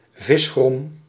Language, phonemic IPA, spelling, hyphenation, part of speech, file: Dutch, /ˈvɪs.xrɔm/, visgrom, vis‧grom, noun, Nl-visgrom.ogg
- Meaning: fish intestines